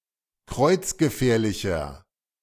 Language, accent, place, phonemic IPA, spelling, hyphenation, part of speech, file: German, Germany, Berlin, /ˈkʁɔɪ̯t͡s̯ɡəˌfɛːɐ̯lɪçɐ/, kreuzgefährlicher, kreuz‧ge‧fähr‧li‧cher, adjective, De-kreuzgefährlicher.ogg
- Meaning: inflection of kreuzgefährlich: 1. strong/mixed nominative masculine singular 2. strong genitive/dative feminine singular 3. strong genitive plural